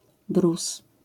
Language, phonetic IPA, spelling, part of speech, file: Polish, [brus], brus, noun, LL-Q809 (pol)-brus.wav